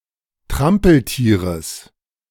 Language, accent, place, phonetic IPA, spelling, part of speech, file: German, Germany, Berlin, [ˈtʁampl̩ˌtiːʁəs], Trampeltieres, noun, De-Trampeltieres.ogg
- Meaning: genitive of Trampeltier